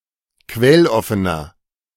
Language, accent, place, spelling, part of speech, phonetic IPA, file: German, Germany, Berlin, quelloffener, adjective, [ˈkvɛlˌɔfənɐ], De-quelloffener.ogg
- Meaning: inflection of quelloffen: 1. strong/mixed nominative masculine singular 2. strong genitive/dative feminine singular 3. strong genitive plural